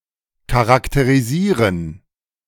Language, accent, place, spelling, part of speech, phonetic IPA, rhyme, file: German, Germany, Berlin, charakterisieren, verb, [kaʁakteʁiˈziːʁən], -iːʁən, De-charakterisieren.ogg
- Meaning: to characterize